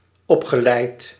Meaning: past participle of opleiden
- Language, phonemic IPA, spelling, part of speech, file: Dutch, /ˈɔpxəˌlɛit/, opgeleid, verb, Nl-opgeleid.ogg